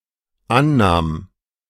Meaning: first/third-person singular dependent preterite of annehmen
- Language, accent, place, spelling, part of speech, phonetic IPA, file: German, Germany, Berlin, annahm, verb, [ˈanˌnaːm], De-annahm.ogg